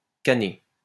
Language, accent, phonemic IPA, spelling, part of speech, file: French, France, /ka.ne/, canner, verb, LL-Q150 (fra)-canner.wav
- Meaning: 1. to cane, to furnish a chair with overlapping strips of cane, reed or rattan 2. to can 3. to die